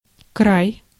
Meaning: 1. border, edge, brink, brim, fringe 2. side, rim 3. land, country 4. krai, territory (in Russia)
- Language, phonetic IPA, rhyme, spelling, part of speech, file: Russian, [kraj], -aj, край, noun, Ru-край.ogg